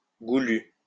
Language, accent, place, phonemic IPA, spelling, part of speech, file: French, France, Lyon, /ɡu.ly/, goulues, adjective, LL-Q150 (fra)-goulues.wav
- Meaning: feminine plural of goulu